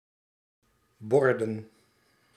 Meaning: plural of bord
- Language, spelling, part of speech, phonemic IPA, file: Dutch, borden, noun, /ˈbɔr.də(n)/, Nl-borden.ogg